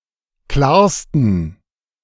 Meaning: 1. superlative degree of klar 2. inflection of klar: strong genitive masculine/neuter singular superlative degree
- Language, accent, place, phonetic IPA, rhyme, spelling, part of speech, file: German, Germany, Berlin, [ˈklaːɐ̯stn̩], -aːɐ̯stn̩, klarsten, adjective, De-klarsten.ogg